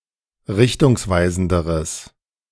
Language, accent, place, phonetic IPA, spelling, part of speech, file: German, Germany, Berlin, [ˈʁɪçtʊŋsˌvaɪ̯zn̩dəʁəs], richtungsweisenderes, adjective, De-richtungsweisenderes.ogg
- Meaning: strong/mixed nominative/accusative neuter singular comparative degree of richtungsweisend